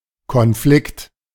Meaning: conflict
- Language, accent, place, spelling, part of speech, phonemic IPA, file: German, Germany, Berlin, Konflikt, noun, /kɔnˈflɪkt/, De-Konflikt.ogg